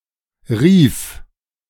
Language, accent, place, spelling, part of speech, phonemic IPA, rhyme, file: German, Germany, Berlin, rief, verb, /ʁiːf/, -iːf, De-rief.ogg
- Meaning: first/third-person singular preterite of rufen